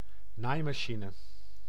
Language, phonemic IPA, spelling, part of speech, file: Dutch, /ˈnajmɑˌʃinə/, naaimachine, noun, Nl-naaimachine.ogg
- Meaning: sewing machine